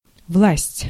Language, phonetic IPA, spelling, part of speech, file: Russian, [vɫasʲtʲ], власть, noun, Ru-власть.ogg
- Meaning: 1. authority, authorities, power 2. rule, regime 3. control 4. force (legal validity)